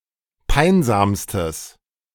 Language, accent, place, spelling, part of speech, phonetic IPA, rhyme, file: German, Germany, Berlin, peinsamstes, adjective, [ˈpaɪ̯nzaːmstəs], -aɪ̯nzaːmstəs, De-peinsamstes.ogg
- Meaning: strong/mixed nominative/accusative neuter singular superlative degree of peinsam